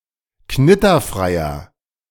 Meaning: inflection of knitterfrei: 1. strong/mixed nominative masculine singular 2. strong genitive/dative feminine singular 3. strong genitive plural
- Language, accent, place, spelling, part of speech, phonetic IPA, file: German, Germany, Berlin, knitterfreier, adjective, [ˈknɪtɐˌfʁaɪ̯ɐ], De-knitterfreier.ogg